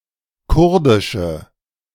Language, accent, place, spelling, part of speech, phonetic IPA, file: German, Germany, Berlin, kurdische, adjective, [ˈkʊʁdɪʃə], De-kurdische.ogg
- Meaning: inflection of kurdisch: 1. strong/mixed nominative/accusative feminine singular 2. strong nominative/accusative plural 3. weak nominative all-gender singular